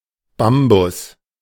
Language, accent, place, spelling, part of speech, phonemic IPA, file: German, Germany, Berlin, Bambus, noun, /ˈbambʊs/, De-Bambus.ogg
- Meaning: bamboo